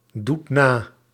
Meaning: inflection of nadoen: 1. second/third-person singular present indicative 2. plural imperative
- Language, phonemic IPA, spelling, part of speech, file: Dutch, /ˈdut ˈna/, doet na, verb, Nl-doet na.ogg